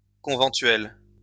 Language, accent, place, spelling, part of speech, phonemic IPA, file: French, France, Lyon, conventuel, adjective, /kɔ̃.vɑ̃.tɥɛl/, LL-Q150 (fra)-conventuel.wav
- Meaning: conventual, monastic